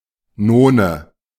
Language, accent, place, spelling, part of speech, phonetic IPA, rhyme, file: German, Germany, Berlin, None, noun, [ˈnoːnə], -oːnə, De-None.ogg
- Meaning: A ninth; an interval of 13 (kleine None, minor ninth) or 14 (große None, major ninth) semitones